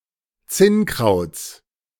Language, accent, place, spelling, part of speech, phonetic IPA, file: German, Germany, Berlin, Zinnkrauts, noun, [ˈt͡sɪnˌkʁaʊ̯t͡s], De-Zinnkrauts.ogg
- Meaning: genitive singular of Zinnkraut